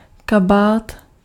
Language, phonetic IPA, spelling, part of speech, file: Czech, [ˈkabaːt], kabát, noun, Cs-kabát.ogg
- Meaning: coat